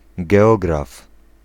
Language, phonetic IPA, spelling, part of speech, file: Polish, [ɡɛˈɔɡraf], geograf, noun, Pl-geograf.ogg